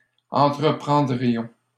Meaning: first-person plural conditional of entreprendre
- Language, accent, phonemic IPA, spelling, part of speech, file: French, Canada, /ɑ̃.tʁə.pʁɑ̃.dʁi.jɔ̃/, entreprendrions, verb, LL-Q150 (fra)-entreprendrions.wav